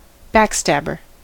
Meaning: A traitor or hypocrite, such as a co-worker or friend assumed trustworthy but who figuratively attacks when one's back is turned
- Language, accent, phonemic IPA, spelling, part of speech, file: English, US, /ˈbækˌstæbɚ/, backstabber, noun, En-us-backstabber.ogg